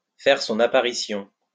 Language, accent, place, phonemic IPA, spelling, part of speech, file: French, France, Lyon, /fɛʁ sɔ̃.n‿a.pa.ʁi.sjɔ̃/, faire son apparition, verb, LL-Q150 (fra)-faire son apparition.wav
- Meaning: to appear